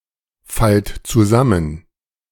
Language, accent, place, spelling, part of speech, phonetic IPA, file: German, Germany, Berlin, fallt zusammen, verb, [ˌfalt t͡suˈzamən], De-fallt zusammen.ogg
- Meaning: inflection of zusammenfallen: 1. second-person plural present 2. plural imperative